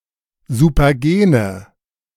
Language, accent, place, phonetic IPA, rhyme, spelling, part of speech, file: German, Germany, Berlin, [zupɐˈɡeːnə], -eːnə, supergene, adjective, De-supergene.ogg
- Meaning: inflection of supergen: 1. strong/mixed nominative/accusative feminine singular 2. strong nominative/accusative plural 3. weak nominative all-gender singular